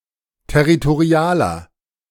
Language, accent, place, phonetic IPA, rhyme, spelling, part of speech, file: German, Germany, Berlin, [tɛʁitoˈʁi̯aːlɐ], -aːlɐ, territorialer, adjective, De-territorialer.ogg
- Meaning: inflection of territorial: 1. strong/mixed nominative masculine singular 2. strong genitive/dative feminine singular 3. strong genitive plural